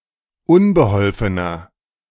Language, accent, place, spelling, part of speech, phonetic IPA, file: German, Germany, Berlin, unbeholfener, adjective, [ˈʊnbəˌhɔlfənɐ], De-unbeholfener.ogg
- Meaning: 1. comparative degree of unbeholfen 2. inflection of unbeholfen: strong/mixed nominative masculine singular 3. inflection of unbeholfen: strong genitive/dative feminine singular